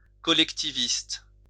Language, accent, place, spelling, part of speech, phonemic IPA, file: French, France, Lyon, collectiviste, adjective, /kɔ.lɛk.ti.vist/, LL-Q150 (fra)-collectiviste.wav
- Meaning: collectivist